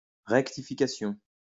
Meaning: rectification
- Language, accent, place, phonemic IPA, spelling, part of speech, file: French, France, Lyon, /ʁɛk.ti.fi.ka.sjɔ̃/, rectification, noun, LL-Q150 (fra)-rectification.wav